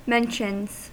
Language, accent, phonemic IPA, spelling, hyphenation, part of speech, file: English, US, /ˈmɛnʃənz/, mentions, men‧tions, noun / verb, En-us-mentions.ogg
- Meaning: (noun) plural of mention; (verb) third-person singular simple present indicative of mention